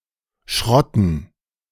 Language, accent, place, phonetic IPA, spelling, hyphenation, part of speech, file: German, Germany, Berlin, [ˈʃʁɔtn̩], schrotten, schrot‧ten, verb, De-schrotten.ogg
- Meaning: to wreck, to make into scrap